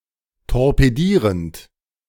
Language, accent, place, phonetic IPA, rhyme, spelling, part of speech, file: German, Germany, Berlin, [tɔʁpeˈdiːʁənt], -iːʁənt, torpedierend, verb, De-torpedierend.ogg
- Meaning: present participle of torpedieren